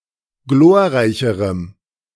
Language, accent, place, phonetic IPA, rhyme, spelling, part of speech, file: German, Germany, Berlin, [ˈɡloːɐ̯ˌʁaɪ̯çəʁəm], -oːɐ̯ʁaɪ̯çəʁəm, glorreicherem, adjective, De-glorreicherem.ogg
- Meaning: strong dative masculine/neuter singular comparative degree of glorreich